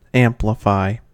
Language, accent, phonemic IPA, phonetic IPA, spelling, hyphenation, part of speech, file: English, US, /ˈæm.plə.faɪ/, [ˈɛəm.plə.faɪ], amplify, am‧pli‧fy, verb, En-us-amplify.ogg
- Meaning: 1. To render larger, more extended, or more intense 2. To enlarge by addition or commenting; to treat copiously by adding particulars, illustrations, etc.; to expand